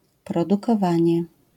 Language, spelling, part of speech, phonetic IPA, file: Polish, produkowanie, noun, [ˌprɔdukɔˈvãɲɛ], LL-Q809 (pol)-produkowanie.wav